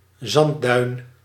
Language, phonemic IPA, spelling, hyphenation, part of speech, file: Dutch, /ˈzɑn(t).dœy̯n/, zandduin, zand‧duin, noun, Nl-zandduin.ogg
- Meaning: sand dune (sometimes used specifically for dunes without a grass surface)